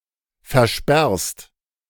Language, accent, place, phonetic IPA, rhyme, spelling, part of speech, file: German, Germany, Berlin, [fɛɐ̯ˈʃpɛʁst], -ɛʁst, versperrst, verb, De-versperrst.ogg
- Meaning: second-person singular present of versperren